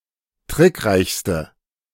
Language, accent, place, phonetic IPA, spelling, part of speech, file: German, Germany, Berlin, [ˈtʁɪkˌʁaɪ̯çstə], trickreichste, adjective, De-trickreichste.ogg
- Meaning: inflection of trickreich: 1. strong/mixed nominative/accusative feminine singular superlative degree 2. strong nominative/accusative plural superlative degree